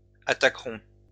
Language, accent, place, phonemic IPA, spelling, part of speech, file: French, France, Lyon, /a.ta.kʁɔ̃/, attaqueront, verb, LL-Q150 (fra)-attaqueront.wav
- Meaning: third-person plural future of attaquer